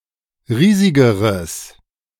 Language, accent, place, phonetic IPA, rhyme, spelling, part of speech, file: German, Germany, Berlin, [ˈʁiːzɪɡəʁəs], -iːzɪɡəʁəs, riesigeres, adjective, De-riesigeres.ogg
- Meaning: strong/mixed nominative/accusative neuter singular comparative degree of riesig